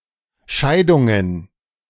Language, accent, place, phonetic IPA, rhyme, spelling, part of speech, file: German, Germany, Berlin, [ˈʃaɪ̯dʊŋən], -aɪ̯dʊŋən, Scheidungen, noun, De-Scheidungen.ogg
- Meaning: plural of Scheidung